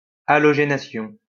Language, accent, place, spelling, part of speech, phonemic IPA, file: French, France, Lyon, halogénation, noun, /a.lɔ.ʒe.na.sjɔ̃/, LL-Q150 (fra)-halogénation.wav
- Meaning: halogenation